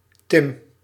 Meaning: a male given name
- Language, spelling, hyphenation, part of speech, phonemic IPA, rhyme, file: Dutch, Tim, Tim, proper noun, /tɪm/, -ɪm, Nl-Tim.ogg